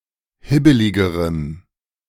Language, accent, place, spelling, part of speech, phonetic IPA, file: German, Germany, Berlin, hibbeligerem, adjective, [ˈhɪbəlɪɡəʁəm], De-hibbeligerem.ogg
- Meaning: strong dative masculine/neuter singular comparative degree of hibbelig